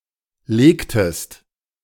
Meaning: inflection of legen: 1. second-person singular preterite 2. second-person singular subjunctive II
- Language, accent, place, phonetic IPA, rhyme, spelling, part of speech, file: German, Germany, Berlin, [ˈleːktəst], -eːktəst, legtest, verb, De-legtest.ogg